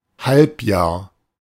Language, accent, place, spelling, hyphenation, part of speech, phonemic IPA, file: German, Germany, Berlin, Halbjahr, Halb‧jahr, noun, /ˈhalpˌjaːɐ̯/, De-Halbjahr.ogg
- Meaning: half year, half of the year